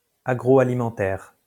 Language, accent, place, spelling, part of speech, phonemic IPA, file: French, France, Lyon, agro-alimentaire, adjective, /a.ɡʁo.a.li.mɑ̃.tɛʁ/, LL-Q150 (fra)-agro-alimentaire.wav
- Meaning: Pre-1990 spelling of agroalimentaire